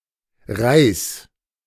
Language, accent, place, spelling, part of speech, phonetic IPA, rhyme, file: German, Germany, Berlin, reiß, verb, [ʁaɪ̯s], -aɪ̯s, De-reiß.ogg
- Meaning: singular imperative of reißen